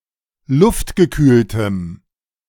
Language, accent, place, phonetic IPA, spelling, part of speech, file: German, Germany, Berlin, [ˈlʊftɡəˌkyːltəm], luftgekühltem, adjective, De-luftgekühltem.ogg
- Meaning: strong dative masculine/neuter singular of luftgekühlt